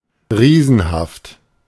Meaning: giant
- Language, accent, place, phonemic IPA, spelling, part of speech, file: German, Germany, Berlin, /ˈʁiːzn̩haft/, riesenhaft, adjective, De-riesenhaft.ogg